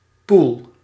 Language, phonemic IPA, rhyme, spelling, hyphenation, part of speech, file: Dutch, /pul/, -ul, poel, poel, noun, Nl-poel.ogg
- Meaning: 1. a standing body of water; pool, puddle 2. abyss, chasm 3. hell